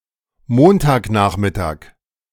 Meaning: Monday afternoon
- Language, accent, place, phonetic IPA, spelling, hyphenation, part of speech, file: German, Germany, Berlin, [ˈmoːntaːkˌnaːχmɪtaːk], Montagnachmittag, Mon‧tag‧nach‧mit‧tag, noun, De-Montagnachmittag.ogg